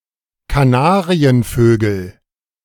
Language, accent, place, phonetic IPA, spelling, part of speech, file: German, Germany, Berlin, [kaˈnaːʁiənˌføːɡl̩], Kanarienvögel, noun, De-Kanarienvögel.ogg
- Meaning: nominative/accusative/genitive plural of Kanarienvogel